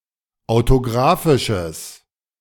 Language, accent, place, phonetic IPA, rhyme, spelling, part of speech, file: German, Germany, Berlin, [aʊ̯toˈɡʁaːfɪʃəs], -aːfɪʃəs, autographisches, adjective, De-autographisches.ogg
- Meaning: strong/mixed nominative/accusative neuter singular of autographisch